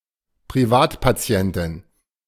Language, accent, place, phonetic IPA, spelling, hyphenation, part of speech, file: German, Germany, Berlin, [pʁiˈvaːtpaˌt͡si̯ɛntɪn], Privatpatientin, Pri‧vat‧pa‧ti‧en‧tin, noun, De-Privatpatientin.ogg
- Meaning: female equivalent of Privatpatient